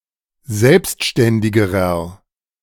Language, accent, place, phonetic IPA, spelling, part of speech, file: German, Germany, Berlin, [ˈzɛlpstʃtɛndɪɡəʁɐ], selbstständigerer, adjective, De-selbstständigerer.ogg
- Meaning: inflection of selbstständig: 1. strong/mixed nominative masculine singular comparative degree 2. strong genitive/dative feminine singular comparative degree